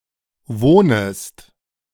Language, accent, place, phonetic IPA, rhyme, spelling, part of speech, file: German, Germany, Berlin, [ˈvoːnəst], -oːnəst, wohnest, verb, De-wohnest.ogg
- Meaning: second-person singular subjunctive I of wohnen